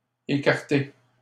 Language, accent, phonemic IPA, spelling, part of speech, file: French, Canada, /e.kaʁ.te/, écarté, verb / adjective / noun, LL-Q150 (fra)-écarté.wav
- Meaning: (verb) past participle of écarter; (adjective) 1. discarded, removed 2. separated 3. isolated, secluded 4. back(ward), far from the main area 5. stray; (noun) écarté